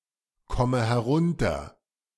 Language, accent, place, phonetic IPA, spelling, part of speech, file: German, Germany, Berlin, [ˌkɔmə hɛˈʁʊntɐ], komme herunter, verb, De-komme herunter.ogg
- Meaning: inflection of herunterkommen: 1. first-person singular present 2. first/third-person singular subjunctive I 3. singular imperative